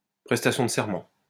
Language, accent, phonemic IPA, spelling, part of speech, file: French, France, /pʁɛs.ta.sjɔ̃ d(ə) sɛʁ.mɑ̃/, prestation de serment, noun, LL-Q150 (fra)-prestation de serment.wav
- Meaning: taking the oath, oathtaking